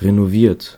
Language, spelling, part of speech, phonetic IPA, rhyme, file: German, renoviert, verb, [ʁenoˈviːɐ̯t], -iːɐ̯t, De-renoviert.ogg
- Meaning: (verb) past participle of renovieren; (adjective) renovated